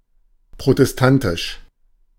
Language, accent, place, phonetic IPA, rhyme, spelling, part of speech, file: German, Germany, Berlin, [pʁotɛsˈtantɪʃ], -antɪʃ, protestantisch, adjective, De-protestantisch.ogg
- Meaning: protestant